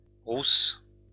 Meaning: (adjective) feminine singular of roux; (noun) 1. redhead (woman) 2. rozzers (police)
- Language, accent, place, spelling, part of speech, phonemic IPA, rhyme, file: French, France, Lyon, rousse, adjective / noun, /ʁus/, -us, LL-Q150 (fra)-rousse.wav